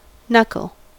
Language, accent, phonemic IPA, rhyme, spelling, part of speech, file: English, US, /ˈnʌkəl/, -ʌkəl, knuckle, noun / verb, En-us-knuckle.ogg
- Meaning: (noun) 1. Any of the joints between the bones of the fingers 2. A mechanical joint 3. The curved part of the cushion at the entrance to the pockets on a cue sports table